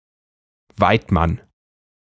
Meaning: Southern Germany spelling of Weidmann
- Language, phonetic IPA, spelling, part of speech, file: German, [ˈvaɪ̯tˌman], Waidmann, noun, De-Waidmann.ogg